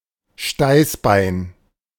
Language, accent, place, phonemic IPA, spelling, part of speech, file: German, Germany, Berlin, /ˈʃtaɪ̯sˌbaɪ̯n/, Steißbein, noun, De-Steißbein.ogg
- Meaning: tailbone